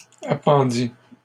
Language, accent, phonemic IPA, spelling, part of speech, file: French, Canada, /a.pɑ̃.di/, appendis, verb, LL-Q150 (fra)-appendis.wav
- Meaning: first/second-person singular past historic of appendre